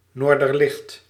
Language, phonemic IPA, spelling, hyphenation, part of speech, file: Dutch, /ˈnoːr.dərˌlɪxt/, noorderlicht, noor‧der‧licht, noun, Nl-noorderlicht.ogg
- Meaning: northern lights, aurora borealis